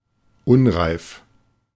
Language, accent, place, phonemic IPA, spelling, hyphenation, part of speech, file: German, Germany, Berlin, /ˈʊnʁaɪ̯f/, unreif, un‧reif, adjective, De-unreif.ogg
- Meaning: 1. unripe 2. immature